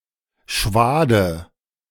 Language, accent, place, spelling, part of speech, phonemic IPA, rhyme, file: German, Germany, Berlin, Schwade, noun, /ˈʃvaːdə/, -aːdə, De-Schwade.ogg
- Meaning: 1. swath, windrow (row of cut grain or hay; both cut out herbage and the left empty space) 2. alternative form of Schwaden (“waft, plume”)